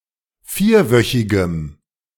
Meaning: strong dative masculine/neuter singular of vierwöchig
- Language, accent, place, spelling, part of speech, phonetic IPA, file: German, Germany, Berlin, vierwöchigem, adjective, [ˈfiːɐ̯ˌvœçɪɡəm], De-vierwöchigem.ogg